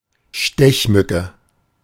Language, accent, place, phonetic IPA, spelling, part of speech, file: German, Germany, Berlin, [ˈʃtɛçˌmʏ.kə], Stechmücke, noun, De-Stechmücke.ogg
- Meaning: mosquito